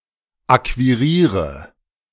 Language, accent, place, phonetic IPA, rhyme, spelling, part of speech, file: German, Germany, Berlin, [ˌakviˈʁiːʁə], -iːʁə, akquiriere, verb, De-akquiriere.ogg
- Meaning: inflection of akquirieren: 1. first-person singular present 2. first/third-person singular subjunctive I 3. singular imperative